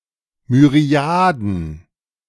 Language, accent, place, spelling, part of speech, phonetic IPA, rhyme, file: German, Germany, Berlin, Myriaden, noun, [myˈʁi̯aːdn̩], -aːdn̩, De-Myriaden.ogg
- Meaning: plural of Myriade